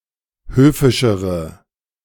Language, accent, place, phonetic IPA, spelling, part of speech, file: German, Germany, Berlin, [ˈhøːfɪʃəʁə], höfischere, adjective, De-höfischere.ogg
- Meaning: inflection of höfisch: 1. strong/mixed nominative/accusative feminine singular comparative degree 2. strong nominative/accusative plural comparative degree